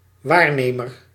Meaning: 1. observer 2. representative
- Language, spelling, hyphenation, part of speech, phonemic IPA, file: Dutch, waarnemer, waar‧ne‧mer, noun, /ˈwarnemər/, Nl-waarnemer.ogg